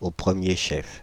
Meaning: primarily, most of all, first and foremost, chiefly
- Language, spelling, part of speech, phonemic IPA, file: French, au premier chef, adverb, /o pʁə.mje ʃɛf/, Fr-au premier chef.ogg